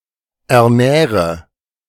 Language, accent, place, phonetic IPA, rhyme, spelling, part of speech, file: German, Germany, Berlin, [ɛɐ̯ˈnɛːʁə], -ɛːʁə, ernähre, verb, De-ernähre.ogg
- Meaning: inflection of ernähren: 1. first-person singular present 2. singular imperative 3. first/third-person singular subjunctive I